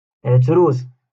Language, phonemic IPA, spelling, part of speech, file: Moroccan Arabic, /ʕat.ruːs/, عتروس, noun, LL-Q56426 (ary)-عتروس.wav
- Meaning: billy goat